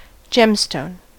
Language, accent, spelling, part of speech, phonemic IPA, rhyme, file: English, US, gemstone, noun, /ˈd͡ʒɛmˌstoʊn/, -ɛmstoʊn, En-us-gemstone.ogg
- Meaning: A gem, usually made of minerals